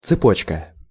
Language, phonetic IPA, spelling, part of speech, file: Russian, [t͡sɨˈpot͡ɕkə], цепочка, noun, Ru-цепочка.ogg
- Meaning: 1. diminutive of цепь (cepʹ) chain, chainlet (series of interconnected rings or links) 2. choker (jewellery)